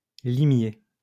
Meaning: 1. sleuth; bloodhound, limer 2. sleuth; detective
- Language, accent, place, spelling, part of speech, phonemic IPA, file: French, France, Lyon, limier, noun, /li.mje/, LL-Q150 (fra)-limier.wav